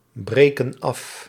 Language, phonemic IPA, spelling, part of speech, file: Dutch, /ˈbrekə(n) ˈɑf/, breken af, verb, Nl-breken af.ogg
- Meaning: inflection of afbreken: 1. plural present indicative 2. plural present subjunctive